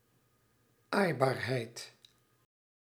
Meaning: cuddliness, cuteness; the extent or level of which someone or something allows to be pet, is pettable
- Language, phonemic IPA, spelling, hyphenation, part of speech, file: Dutch, /ˈaːi̯.baːrˌɦɛi̯t/, aaibaarheid, aai‧baar‧heid, noun, Nl-aaibaarheid.ogg